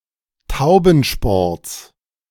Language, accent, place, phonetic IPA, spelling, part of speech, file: German, Germany, Berlin, [ˈtaʊ̯bn̩ˌʃpɔʁt͡s], Taubensports, noun, De-Taubensports.ogg
- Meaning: genitive singular of Taubensport